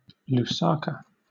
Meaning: 1. The capital city of Zambia 2. The capital city of Zambia.: The Zambian government
- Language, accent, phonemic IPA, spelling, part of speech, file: English, Southern England, /luːˈsɑːkə/, Lusaka, proper noun, LL-Q1860 (eng)-Lusaka.wav